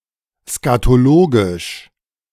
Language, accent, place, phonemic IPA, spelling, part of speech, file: German, Germany, Berlin, /skatoˈloːɡɪʃ/, skatologisch, adjective, De-skatologisch.ogg
- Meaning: scatological